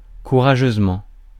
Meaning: bravely, courageously, boldly
- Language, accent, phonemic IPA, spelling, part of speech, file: French, France, /ku.ʁa.ʒøz.mɑ̃/, courageusement, adverb, Fr-courageusement.ogg